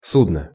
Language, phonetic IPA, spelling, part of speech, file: Russian, [ˈsudnə], судно, noun, Ru-судно.ogg
- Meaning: 1. ship, vessel 2. bedpan